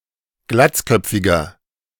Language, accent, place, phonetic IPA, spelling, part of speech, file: German, Germany, Berlin, [ˈɡlat͡sˌkœp͡fɪɡɐ], glatzköpfiger, adjective, De-glatzköpfiger.ogg
- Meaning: inflection of glatzköpfig: 1. strong/mixed nominative masculine singular 2. strong genitive/dative feminine singular 3. strong genitive plural